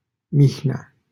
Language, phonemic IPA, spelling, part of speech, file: Romanian, /ˈmih.ne̯a/, Mihnea, proper noun, LL-Q7913 (ron)-Mihnea.wav
- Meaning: a male given name